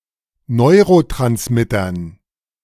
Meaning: dative plural of Neurotransmitter
- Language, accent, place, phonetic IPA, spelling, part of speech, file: German, Germany, Berlin, [ˈnɔɪ̯ʁotʁansmɪtɐn], Neurotransmittern, noun, De-Neurotransmittern.ogg